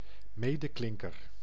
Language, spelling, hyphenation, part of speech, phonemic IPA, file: Dutch, medeklinker, me‧de‧klin‧ker, noun, /ˈmeː.dəˌklɪŋ.kər/, Nl-medeklinker.ogg
- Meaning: consonant